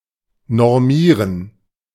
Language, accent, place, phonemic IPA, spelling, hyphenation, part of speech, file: German, Germany, Berlin, /nɔʁˈmiːʁən/, normieren, nor‧mie‧ren, verb, De-normieren.ogg
- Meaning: 1. to standardize 2. to normalize